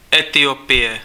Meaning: Ethiopia (a country in East Africa)
- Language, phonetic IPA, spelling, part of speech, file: Czech, [ˈɛtɪjopɪjɛ], Etiopie, proper noun, Cs-Etiopie.ogg